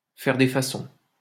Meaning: to make a fuss; to stand on ceremony, to put on airs
- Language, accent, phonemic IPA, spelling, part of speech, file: French, France, /fɛʁ de fa.sɔ̃/, faire des façons, verb, LL-Q150 (fra)-faire des façons.wav